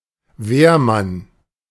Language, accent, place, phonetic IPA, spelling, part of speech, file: German, Germany, Berlin, [ˈveːɐ̯ˌman], Wehrmann, noun, De-Wehrmann.ogg
- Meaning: 1. firefighter 2. soldier